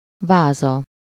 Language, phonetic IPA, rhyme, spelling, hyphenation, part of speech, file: Hungarian, [ˈvaːzɒ], -zɒ, váza, vá‧za, noun, Hu-váza.ogg
- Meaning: 1. vase 2. third-person singular single-possession possessive of váz